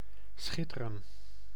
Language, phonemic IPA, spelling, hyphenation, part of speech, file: Dutch, /ˈsxɪ.tə.rə(n)/, schitteren, schit‧te‧ren, verb, Nl-schitteren.ogg
- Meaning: to shine, glitter